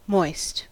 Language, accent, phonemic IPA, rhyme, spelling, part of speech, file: English, General American, /mɔɪst/, -ɔɪst, moist, adjective / noun / verb, En-us-moist.ogg
- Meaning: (adjective) 1. Characterized by the presence of moisture; not dry; slightly wet; damp 2. Of eyes: wet with tears; tearful; also (obsolete), watery due to some illness or to old age